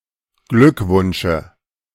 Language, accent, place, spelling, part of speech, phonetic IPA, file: German, Germany, Berlin, Glückwunsche, noun, [ˈɡlʏkˌvʊnʃə], De-Glückwunsche.ogg
- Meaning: dative singular of Glückwunsch